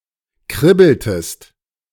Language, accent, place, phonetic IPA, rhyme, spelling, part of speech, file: German, Germany, Berlin, [ˈkʁɪbl̩təst], -ɪbl̩təst, kribbeltest, verb, De-kribbeltest.ogg
- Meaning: inflection of kribbeln: 1. second-person singular preterite 2. second-person singular subjunctive II